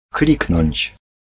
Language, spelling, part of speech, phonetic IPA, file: Polish, kliknąć, verb, [ˈklʲiknɔ̃ɲt͡ɕ], Pl-kliknąć.ogg